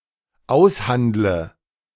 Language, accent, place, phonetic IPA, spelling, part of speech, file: German, Germany, Berlin, [ˈaʊ̯sˌhandlə], aushandle, verb, De-aushandle.ogg
- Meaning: inflection of aushandeln: 1. first-person singular dependent present 2. first/third-person singular dependent subjunctive I